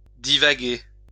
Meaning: 1. to wander (to move about aimlessly, or on a winding course) 2. to ramble, to rant (to speak aimlessly, or on an unclear train of thought) 3. to wind 4. to wander, roam, wander about
- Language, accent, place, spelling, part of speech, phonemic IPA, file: French, France, Lyon, divaguer, verb, /di.va.ɡe/, LL-Q150 (fra)-divaguer.wav